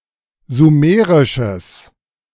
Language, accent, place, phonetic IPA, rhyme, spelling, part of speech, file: German, Germany, Berlin, [zuˈmeːʁɪʃəs], -eːʁɪʃəs, sumerisches, adjective, De-sumerisches.ogg
- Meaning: strong/mixed nominative/accusative neuter singular of sumerisch